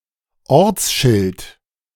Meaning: place-name sign, town sign, city limit sign
- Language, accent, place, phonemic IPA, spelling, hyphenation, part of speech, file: German, Germany, Berlin, /ˈɔʁt͡sˌʃɪlt/, Ortsschild, Orts‧schild, noun, De-Ortsschild.ogg